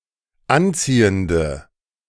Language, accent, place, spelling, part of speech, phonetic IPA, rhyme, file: German, Germany, Berlin, anziehende, adjective, [ˈanˌt͡siːəndə], -ant͡siːəndə, De-anziehende.ogg
- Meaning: inflection of anziehend: 1. strong/mixed nominative/accusative feminine singular 2. strong nominative/accusative plural 3. weak nominative all-gender singular